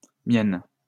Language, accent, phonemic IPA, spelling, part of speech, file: French, France, /mjɛn/, miennes, adjective, LL-Q150 (fra)-miennes.wav
- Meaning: feminine plural of mien (“my”)